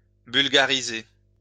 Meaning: to Bulgarize
- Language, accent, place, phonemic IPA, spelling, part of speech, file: French, France, Lyon, /byl.ɡa.ʁi.ze/, bulgariser, verb, LL-Q150 (fra)-bulgariser.wav